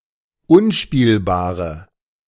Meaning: inflection of unspielbar: 1. strong/mixed nominative/accusative feminine singular 2. strong nominative/accusative plural 3. weak nominative all-gender singular
- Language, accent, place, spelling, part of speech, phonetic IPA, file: German, Germany, Berlin, unspielbare, adjective, [ˈʊnˌʃpiːlbaːʁə], De-unspielbare.ogg